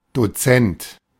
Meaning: lecturer, instructor (at the university level; male or of unspecified sex)
- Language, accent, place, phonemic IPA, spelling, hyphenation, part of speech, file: German, Germany, Berlin, /doˈt͡sɛnt/, Dozent, Do‧zent, noun, De-Dozent.ogg